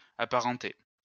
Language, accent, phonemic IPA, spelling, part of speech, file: French, France, /a.pa.ʁɑ̃.te/, apparenter, verb, LL-Q150 (fra)-apparenter.wav
- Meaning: 1. to be related to 2. to resemble, be similar to